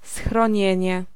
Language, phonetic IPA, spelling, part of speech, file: Polish, [sxrɔ̃ˈɲɛ̇̃ɲɛ], schronienie, noun, Pl-schronienie.ogg